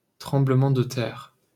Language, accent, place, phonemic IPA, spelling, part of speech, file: French, France, Paris, /tʁɑ̃.blə.mɑ̃ d(ə) tɛʁ/, tremblement de terre, noun, LL-Q150 (fra)-tremblement de terre.wav
- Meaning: earthquake